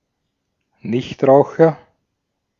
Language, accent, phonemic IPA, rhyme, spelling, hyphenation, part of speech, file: German, Austria, /ˈnɪçtˌʁaʊ̯xɐ/, -aʊ̯xɐ, Nichtraucher, Nicht‧rau‧cher, noun, De-at-Nichtraucher.ogg
- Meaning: non-smoker (person who does not smoke tobacco)